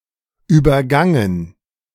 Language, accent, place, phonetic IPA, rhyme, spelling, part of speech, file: German, Germany, Berlin, [yːbɐˈɡaŋən], -aŋən, übergangen, verb, De-übergangen.ogg
- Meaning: past participle of übergehen